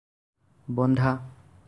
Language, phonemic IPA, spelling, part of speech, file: Assamese, /bɔn.dʱɑ/, বন্ধা, verb, As-বন্ধা.ogg
- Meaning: 1. to tie 2. to bind